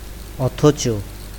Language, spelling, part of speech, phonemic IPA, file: Bengali, অথচ, conjunction / adverb, /ɔt̪ʰɔt͡ʃo/, Bn-অথচ.ogg
- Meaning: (conjunction) 1. yet 2. still; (adverb) 1. notwithstanding 2. nevertheless 3. nonetheless 4. in spite of 5. even then 6. but